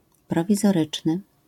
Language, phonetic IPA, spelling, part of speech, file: Polish, [ˌprɔvʲizɔˈrɨt͡ʃnɨ], prowizoryczny, adjective, LL-Q809 (pol)-prowizoryczny.wav